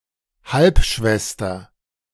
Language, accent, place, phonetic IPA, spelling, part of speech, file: German, Germany, Berlin, [ˈhalpˌʃvɛstɐ], Halbschwester, noun, De-Halbschwester.ogg
- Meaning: half sister